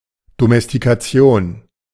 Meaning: domestication
- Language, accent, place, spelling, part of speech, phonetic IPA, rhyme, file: German, Germany, Berlin, Domestikation, noun, [ˌdomɛstikaˈt͡si̯oːn], -oːn, De-Domestikation.ogg